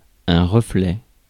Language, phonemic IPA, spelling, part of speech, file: French, /ʁə.flɛ/, reflet, noun, Fr-reflet.ogg
- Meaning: reflection